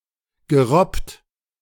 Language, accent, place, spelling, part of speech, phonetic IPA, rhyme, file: German, Germany, Berlin, gerobbt, verb, [ɡəˈʁɔpt], -ɔpt, De-gerobbt.ogg
- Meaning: past participle of robben